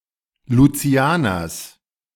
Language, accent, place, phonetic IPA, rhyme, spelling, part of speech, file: German, Germany, Berlin, [luˈt͡si̯aːnɐs], -aːnɐs, Lucianers, noun, De-Lucianers.ogg
- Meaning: genitive singular of Lucianer